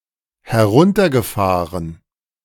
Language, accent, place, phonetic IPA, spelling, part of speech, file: German, Germany, Berlin, [hɛˈʁʊntɐɡəˌfaːʁən], heruntergefahren, verb, De-heruntergefahren.ogg
- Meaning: past participle of herunterfahren